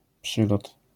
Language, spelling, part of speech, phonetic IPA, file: Polish, przylot, noun, [ˈpʃɨlɔt], LL-Q809 (pol)-przylot.wav